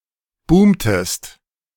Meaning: inflection of boomen: 1. second-person singular preterite 2. second-person singular subjunctive II
- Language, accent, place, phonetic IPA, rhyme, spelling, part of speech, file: German, Germany, Berlin, [ˈbuːmtəst], -uːmtəst, boomtest, verb, De-boomtest.ogg